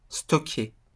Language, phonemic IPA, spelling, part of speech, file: French, /stɔ.ke/, stocker, verb, LL-Q150 (fra)-stocker.wav
- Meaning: 1. to store (keep (something) while not in use) 2. to stock; to stock up